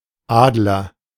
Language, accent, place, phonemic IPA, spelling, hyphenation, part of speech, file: German, Germany, Berlin, /ˈaːdlər/, Adler, Ad‧ler, noun / proper noun, De-Adler.ogg
- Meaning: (noun) 1. eagle 2. eagle, as used on a coat of arms; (proper noun) 1. Aquila 2. a German Jewish surname